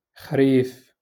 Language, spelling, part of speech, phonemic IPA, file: Moroccan Arabic, خريف, noun, /xriːf/, LL-Q56426 (ary)-خريف.wav
- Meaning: autumn, fall